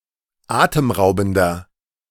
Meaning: 1. comparative degree of atemraubend 2. inflection of atemraubend: strong/mixed nominative masculine singular 3. inflection of atemraubend: strong genitive/dative feminine singular
- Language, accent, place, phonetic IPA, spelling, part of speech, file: German, Germany, Berlin, [ˈaːtəmˌʁaʊ̯bn̩dɐ], atemraubender, adjective, De-atemraubender.ogg